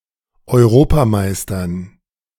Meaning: dative plural of Europameister
- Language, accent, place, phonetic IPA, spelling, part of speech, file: German, Germany, Berlin, [ɔɪ̯ˈʁoːpaˌmaɪ̯stɐn], Europameistern, noun, De-Europameistern.ogg